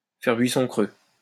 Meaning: to not find what one was looking for, to come back empty-handed, to draw a blank
- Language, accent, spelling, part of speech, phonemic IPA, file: French, France, faire buisson creux, verb, /fɛʁ bɥi.sɔ̃ kʁø/, LL-Q150 (fra)-faire buisson creux.wav